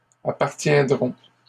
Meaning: third-person plural future of appartenir
- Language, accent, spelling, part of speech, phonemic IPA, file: French, Canada, appartiendront, verb, /a.paʁ.tjɛ̃.dʁɔ̃/, LL-Q150 (fra)-appartiendront.wav